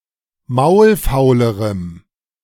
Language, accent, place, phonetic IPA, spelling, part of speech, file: German, Germany, Berlin, [ˈmaʊ̯lˌfaʊ̯ləʁəm], maulfaulerem, adjective, De-maulfaulerem.ogg
- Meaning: strong dative masculine/neuter singular comparative degree of maulfaul